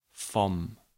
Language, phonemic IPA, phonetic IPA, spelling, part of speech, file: German, /fɔm/, [fɔm], vom, contraction, De-vom.ogg
- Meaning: contraction of von + dem, literally “from the, of the”